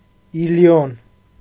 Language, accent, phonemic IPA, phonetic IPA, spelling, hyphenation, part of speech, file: Armenian, Eastern Armenian, /iliˈjon/, [ilijón], Իլիոն, Ի‧լի‧ոն, proper noun, Hy-Իլիոն.ogg
- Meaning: Ilium